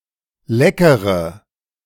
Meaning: inflection of lecker: 1. strong/mixed nominative/accusative feminine singular 2. strong nominative/accusative plural 3. weak nominative all-gender singular 4. weak accusative feminine/neuter singular
- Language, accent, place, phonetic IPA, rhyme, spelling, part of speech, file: German, Germany, Berlin, [ˈlɛkəʁə], -ɛkəʁə, leckere, adjective, De-leckere.ogg